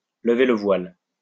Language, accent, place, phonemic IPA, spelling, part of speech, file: French, France, Lyon, /lə.ve lə vwal/, lever le voile, verb, LL-Q150 (fra)-lever le voile.wav
- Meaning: to unveil, to reveal, to lift the veil on, to lift the curtain on, to lift the lid on